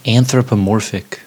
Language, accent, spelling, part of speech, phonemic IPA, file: English, US, anthropomorphic, adjective / noun, /ˌænθɹəpəˈmɔɹfɪk/, En-us-anthropomorphic.ogg
- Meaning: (adjective) 1. Having the form of a human 2. Having attributes or characteristics of a human being; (noun) An anthropomorphized animal and creature